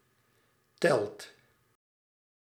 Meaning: inflection of tellen: 1. second/third-person singular present indicative 2. plural imperative
- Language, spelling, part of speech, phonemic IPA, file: Dutch, telt, verb, /tɛlt/, Nl-telt.ogg